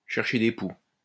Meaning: to try and pick a fight, to try to pick a quarrel
- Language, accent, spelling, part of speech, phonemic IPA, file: French, France, chercher des poux, verb, /ʃɛʁ.ʃe de pu/, LL-Q150 (fra)-chercher des poux.wav